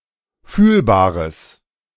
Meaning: strong/mixed nominative/accusative neuter singular of fühlbar
- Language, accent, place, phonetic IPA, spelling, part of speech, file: German, Germany, Berlin, [ˈfyːlbaːʁəs], fühlbares, adjective, De-fühlbares.ogg